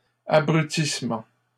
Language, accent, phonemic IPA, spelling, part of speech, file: French, Canada, /a.bʁy.tis.mɑ̃/, abrutissement, noun, LL-Q150 (fra)-abrutissement.wav
- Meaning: the process or action of rendering stupid and idiotic